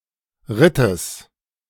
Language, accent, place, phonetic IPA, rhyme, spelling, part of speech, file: German, Germany, Berlin, [ˈʁɪtəs], -ɪtəs, Rittes, noun, De-Rittes.ogg
- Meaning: genitive singular of Ritt